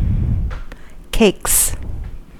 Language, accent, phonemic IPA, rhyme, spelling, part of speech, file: English, US, /keɪks/, -eɪks, cakes, noun / verb, En-us-cakes.ogg
- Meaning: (noun) plural of cake; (verb) third-person singular simple present indicative of cake